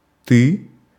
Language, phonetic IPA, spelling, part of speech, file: Russian, [tɨ], ты, pronoun, Ru-ты.ogg
- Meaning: second-person singular, nominative case: you, thou